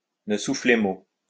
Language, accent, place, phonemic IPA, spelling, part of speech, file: French, France, Lyon, /nə su.fle mo/, ne souffler mot, verb, LL-Q150 (fra)-ne souffler mot.wav
- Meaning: to not breathe a word of, to not say, to be quiet about